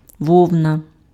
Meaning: wool (hair of sheep and some other ruminants)
- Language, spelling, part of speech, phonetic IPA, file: Ukrainian, вовна, noun, [ˈwɔu̯nɐ], Uk-вовна.ogg